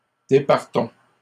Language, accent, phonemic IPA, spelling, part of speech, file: French, Canada, /de.paʁ.tɔ̃/, départons, verb, LL-Q150 (fra)-départons.wav
- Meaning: inflection of départir: 1. first-person plural present indicative 2. first-person plural imperative